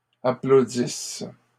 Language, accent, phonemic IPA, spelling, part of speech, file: French, Canada, /a.plo.dis/, applaudisses, verb, LL-Q150 (fra)-applaudisses.wav
- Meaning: second-person singular present/imperfect subjunctive of applaudir